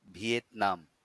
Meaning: Vietnam (a country in Southeast Asia)
- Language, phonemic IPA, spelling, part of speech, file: Bengali, /vijet̪nam/, ভিয়েতনাম, proper noun, LL-Q9610 (ben)-ভিয়েতনাম.wav